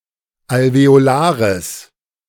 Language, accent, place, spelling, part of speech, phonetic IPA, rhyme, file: German, Germany, Berlin, alveolares, adjective, [alveoˈlaːʁəs], -aːʁəs, De-alveolares.ogg
- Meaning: strong/mixed nominative/accusative neuter singular of alveolar